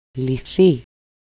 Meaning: 1. passive nonfinite form of λύνω (lýno) 2. passive nonfinite form of λύω (lýo) 3. third-person singular dependent of λύνομαι (lýnomai), the passive of λύνω (lýno)
- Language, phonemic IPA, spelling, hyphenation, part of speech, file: Greek, /liˈθi/, λυθεί, λυ‧θεί, verb, El-λυθεί.ogg